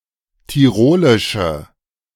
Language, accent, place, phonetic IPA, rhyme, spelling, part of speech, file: German, Germany, Berlin, [tiˈʁoːlɪʃə], -oːlɪʃə, tirolische, adjective, De-tirolische.ogg
- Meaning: inflection of tirolisch: 1. strong/mixed nominative/accusative feminine singular 2. strong nominative/accusative plural 3. weak nominative all-gender singular